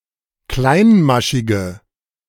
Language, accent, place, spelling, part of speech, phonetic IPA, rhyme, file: German, Germany, Berlin, kleinmaschige, adjective, [ˈklaɪ̯nˌmaʃɪɡə], -aɪ̯nmaʃɪɡə, De-kleinmaschige.ogg
- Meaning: inflection of kleinmaschig: 1. strong/mixed nominative/accusative feminine singular 2. strong nominative/accusative plural 3. weak nominative all-gender singular